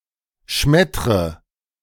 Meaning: inflection of schmettern: 1. first-person singular present 2. first/third-person singular subjunctive I 3. singular imperative
- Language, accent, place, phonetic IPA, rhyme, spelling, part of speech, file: German, Germany, Berlin, [ˈʃmɛtʁə], -ɛtʁə, schmettre, verb, De-schmettre.ogg